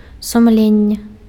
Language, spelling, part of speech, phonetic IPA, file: Belarusian, сумленне, noun, [sumˈlʲenʲːe], Be-сумленне.ogg
- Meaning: conscience